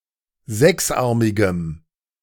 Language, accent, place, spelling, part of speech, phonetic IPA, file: German, Germany, Berlin, sechsarmigem, adjective, [ˈzɛksˌʔaʁmɪɡəm], De-sechsarmigem.ogg
- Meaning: strong dative masculine/neuter singular of sechsarmig